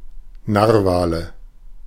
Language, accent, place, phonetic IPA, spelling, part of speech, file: German, Germany, Berlin, [ˈnaːʁvaːlə], Narwale, noun, De-Narwale.ogg
- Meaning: nominative/accusative/genitive plural of Narwal